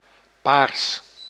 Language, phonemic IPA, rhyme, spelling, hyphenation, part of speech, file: Dutch, /paːrs/, -aːrs, paars, paars, adjective / noun, Nl-paars.ogg
- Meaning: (adjective) 1. purple 2. relating to cooperation between liberals and social democrats of the third way 3. relating to the National Democratic Party; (noun) the colour purple